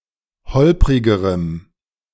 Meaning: strong dative masculine/neuter singular comparative degree of holprig
- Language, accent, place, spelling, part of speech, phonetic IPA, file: German, Germany, Berlin, holprigerem, adjective, [ˈhɔlpʁɪɡəʁəm], De-holprigerem.ogg